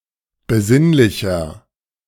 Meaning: 1. comparative degree of besinnlich 2. inflection of besinnlich: strong/mixed nominative masculine singular 3. inflection of besinnlich: strong genitive/dative feminine singular
- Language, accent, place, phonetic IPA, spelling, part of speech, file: German, Germany, Berlin, [bəˈzɪnlɪçɐ], besinnlicher, adjective, De-besinnlicher.ogg